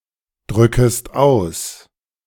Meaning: second-person singular subjunctive I of ausdrücken
- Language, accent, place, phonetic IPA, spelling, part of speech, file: German, Germany, Berlin, [ˌdʁʏkəst ˈaʊ̯s], drückest aus, verb, De-drückest aus.ogg